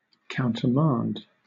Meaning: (verb) 1. To revoke (a former command); to cancel or rescind by giving an order contrary to one previously given 2. To recall a person or unit with such an order
- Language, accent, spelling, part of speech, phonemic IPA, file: English, Southern England, countermand, verb / noun, /ˌkaʊntəˈmɑːnd/, LL-Q1860 (eng)-countermand.wav